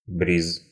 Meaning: breeze (either sea breeze or land breeze)
- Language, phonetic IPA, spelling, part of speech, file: Russian, [brʲis], бриз, noun, Ru-бриз.ogg